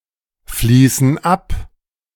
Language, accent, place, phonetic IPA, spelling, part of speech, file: German, Germany, Berlin, [ˌfliːsn̩ ˈap], fließen ab, verb, De-fließen ab.ogg
- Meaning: inflection of abfließen: 1. first/third-person plural present 2. first/third-person plural subjunctive I